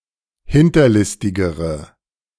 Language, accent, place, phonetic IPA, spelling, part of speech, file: German, Germany, Berlin, [ˈhɪntɐˌlɪstɪɡəʁə], hinterlistigere, adjective, De-hinterlistigere.ogg
- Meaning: inflection of hinterlistig: 1. strong/mixed nominative/accusative feminine singular comparative degree 2. strong nominative/accusative plural comparative degree